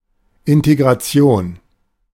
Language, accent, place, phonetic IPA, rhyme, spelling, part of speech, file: German, Germany, Berlin, [ɪnteɡʁaˈt͡si̯oːn], -oːn, Integration, noun, De-Integration.ogg
- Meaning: integration